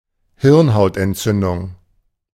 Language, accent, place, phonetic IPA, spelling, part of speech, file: German, Germany, Berlin, [ˈhɪʁnhaʊ̯tʔɛntˌt͡sʏndʊŋ], Hirnhautentzündung, noun, De-Hirnhautentzündung.ogg
- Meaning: meningitis